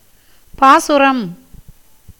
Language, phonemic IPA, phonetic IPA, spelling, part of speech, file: Tamil, /pɑːtʃʊɾɐm/, [päːsʊɾɐm], பாசுரம், noun, Ta-பாசுரம்.ogg
- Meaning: 1. sacred poem, mystic chant, hymn 2. word, utterance, saying, declaration 3. sound of a flute 4. method